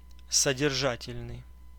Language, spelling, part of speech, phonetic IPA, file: Russian, содержательный, adjective, [sədʲɪrˈʐatʲɪlʲnɨj], Ru-содержательный.ogg
- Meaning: substantial, substantive, full of substance, rich in content, meaty